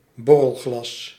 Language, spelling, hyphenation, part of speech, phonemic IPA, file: Dutch, borrelglas, bor‧rel‧glas, noun, /ˈbɔ.rəlˌɣlɑs/, Nl-borrelglas.ogg
- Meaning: shot glass (small glass from which liquor is drunk)